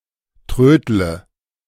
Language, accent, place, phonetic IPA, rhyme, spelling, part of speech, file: German, Germany, Berlin, [ˈtʁøːdlə], -øːdlə, trödle, verb, De-trödle.ogg
- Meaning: inflection of trödeln: 1. first-person singular present 2. first/third-person singular subjunctive I 3. singular imperative